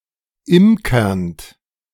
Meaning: present participle of imkern
- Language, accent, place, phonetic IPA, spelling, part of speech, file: German, Germany, Berlin, [ˈɪmkɐnt], imkernd, verb, De-imkernd.ogg